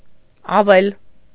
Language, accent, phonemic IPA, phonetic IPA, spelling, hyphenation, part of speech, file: Armenian, Eastern Armenian, /ɑˈvel/, [ɑvél], ավել, ա‧վել, noun, Hy-ավել.ogg
- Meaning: broom, besom